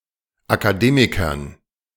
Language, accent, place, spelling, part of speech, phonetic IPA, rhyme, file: German, Germany, Berlin, Akademikern, noun, [akaˈdeːmɪkɐn], -eːmɪkɐn, De-Akademikern.ogg
- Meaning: dative plural of Akademiker